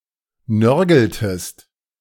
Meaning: inflection of nörgeln: 1. second-person singular preterite 2. second-person singular subjunctive II
- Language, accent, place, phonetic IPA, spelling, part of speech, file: German, Germany, Berlin, [ˈnœʁɡl̩təst], nörgeltest, verb, De-nörgeltest.ogg